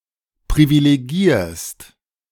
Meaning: second-person singular present of privilegieren
- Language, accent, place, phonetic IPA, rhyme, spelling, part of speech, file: German, Germany, Berlin, [pʁivileˈɡiːɐ̯st], -iːɐ̯st, privilegierst, verb, De-privilegierst.ogg